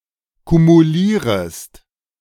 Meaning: second-person singular subjunctive I of kumulieren
- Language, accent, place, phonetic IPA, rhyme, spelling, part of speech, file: German, Germany, Berlin, [kumuˈliːʁəst], -iːʁəst, kumulierest, verb, De-kumulierest.ogg